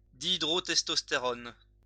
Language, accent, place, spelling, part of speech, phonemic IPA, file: French, France, Lyon, dihydrotestostérone, noun, /di.i.dʁɔ.tɛs.tɔs.te.ʁɔn/, LL-Q150 (fra)-dihydrotestostérone.wav
- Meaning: dihydrotestosterone